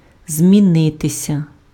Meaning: to change
- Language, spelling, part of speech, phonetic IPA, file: Ukrainian, змінитися, verb, [zʲmʲiˈnɪtesʲɐ], Uk-змінитися.ogg